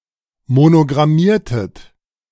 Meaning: inflection of monogrammieren: 1. second-person plural preterite 2. second-person plural subjunctive II
- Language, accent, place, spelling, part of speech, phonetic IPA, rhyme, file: German, Germany, Berlin, monogrammiertet, verb, [monoɡʁaˈmiːɐ̯tət], -iːɐ̯tət, De-monogrammiertet.ogg